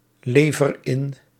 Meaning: inflection of inleveren: 1. first-person singular present indicative 2. second-person singular present indicative 3. imperative
- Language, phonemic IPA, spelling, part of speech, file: Dutch, /ˈlevər ˈɪn/, lever in, verb, Nl-lever in.ogg